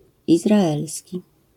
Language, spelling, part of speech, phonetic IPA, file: Polish, izraelski, adjective, [ˌizraˈɛlsʲci], LL-Q809 (pol)-izraelski.wav